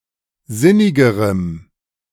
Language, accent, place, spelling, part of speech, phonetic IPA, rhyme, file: German, Germany, Berlin, sinnigerem, adjective, [ˈzɪnɪɡəʁəm], -ɪnɪɡəʁəm, De-sinnigerem.ogg
- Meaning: strong dative masculine/neuter singular comparative degree of sinnig